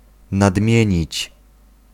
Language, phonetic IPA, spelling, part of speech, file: Polish, [nadˈmʲjɛ̇̃ɲit͡ɕ], nadmienić, verb, Pl-nadmienić.ogg